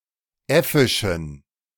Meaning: inflection of äffisch: 1. strong genitive masculine/neuter singular 2. weak/mixed genitive/dative all-gender singular 3. strong/weak/mixed accusative masculine singular 4. strong dative plural
- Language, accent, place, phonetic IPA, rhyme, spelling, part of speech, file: German, Germany, Berlin, [ˈɛfɪʃn̩], -ɛfɪʃn̩, äffischen, adjective, De-äffischen.ogg